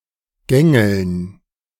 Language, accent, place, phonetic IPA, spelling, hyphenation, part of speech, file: German, Germany, Berlin, [ˈɡɛŋɛl̩n], gängeln, gän‧geln, verb, De-gängeln.ogg
- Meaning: 1. to make walk 2. to straitjacket